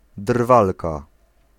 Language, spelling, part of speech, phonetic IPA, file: Polish, drwalka, noun, [ˈdrvalka], Pl-drwalka.ogg